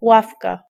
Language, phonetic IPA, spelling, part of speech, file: Polish, [ˈwafka], ławka, noun, Pl-ławka.ogg